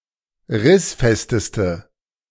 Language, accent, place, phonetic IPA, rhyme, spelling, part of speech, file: German, Germany, Berlin, [ˈʁɪsˌfɛstəstə], -ɪsfɛstəstə, rissfesteste, adjective, De-rissfesteste.ogg
- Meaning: inflection of rissfest: 1. strong/mixed nominative/accusative feminine singular superlative degree 2. strong nominative/accusative plural superlative degree